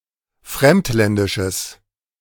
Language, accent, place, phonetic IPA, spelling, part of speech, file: German, Germany, Berlin, [ˈfʁɛmtˌlɛndɪʃəs], fremdländisches, adjective, De-fremdländisches.ogg
- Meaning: strong/mixed nominative/accusative neuter singular of fremdländisch